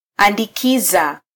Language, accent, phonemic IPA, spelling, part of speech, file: Swahili, Kenya, /ɑ.ⁿdiˈki.zɑ/, andikiza, verb, Sw-ke-andikiza.flac
- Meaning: to overwrite